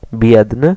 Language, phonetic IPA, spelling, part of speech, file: Polish, [ˈbʲjɛdnɨ], biedny, adjective / noun, Pl-biedny.ogg